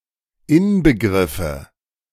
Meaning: nominative/accusative/genitive plural of Inbegriff
- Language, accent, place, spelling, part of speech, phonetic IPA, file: German, Germany, Berlin, Inbegriffe, noun, [ˈɪnbəˌɡʁɪfə], De-Inbegriffe.ogg